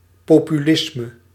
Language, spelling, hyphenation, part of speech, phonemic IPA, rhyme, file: Dutch, populisme, po‧pu‧lis‧me, noun, /ˌpoː.pyˈlɪs.mə/, -ɪsmə, Nl-populisme.ogg
- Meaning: 1. populism, any dualistic ideology that contrasts a homogeneous people with an elite 2. a French literary movement focusing on the common people